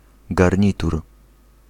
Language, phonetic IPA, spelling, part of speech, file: Polish, [ɡarʲˈɲitur], garnitur, noun, Pl-garnitur.ogg